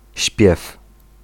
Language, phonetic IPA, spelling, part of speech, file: Polish, [ɕpʲjɛf], śpiew, noun, Pl-śpiew.ogg